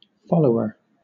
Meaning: 1. One who follows, comes after another 2. Something that comes after another thing 3. One who is a part of master's physical group, such as a servant or retainer
- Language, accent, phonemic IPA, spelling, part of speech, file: English, Southern England, /ˈfɒləʊə(ɹ)/, follower, noun, LL-Q1860 (eng)-follower.wav